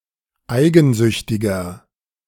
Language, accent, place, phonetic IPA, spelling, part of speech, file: German, Germany, Berlin, [ˈaɪ̯ɡn̩ˌzʏçtɪɡɐ], eigensüchtiger, adjective, De-eigensüchtiger.ogg
- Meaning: 1. comparative degree of eigensüchtig 2. inflection of eigensüchtig: strong/mixed nominative masculine singular 3. inflection of eigensüchtig: strong genitive/dative feminine singular